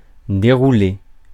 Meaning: 1. to unroll 2. to break 3. to unravel, to unfold
- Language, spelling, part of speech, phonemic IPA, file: French, dérouler, verb, /de.ʁu.le/, Fr-dérouler.ogg